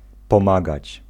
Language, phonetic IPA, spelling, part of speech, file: Polish, [pɔ̃ˈmaɡat͡ɕ], pomagać, verb, Pl-pomagać.ogg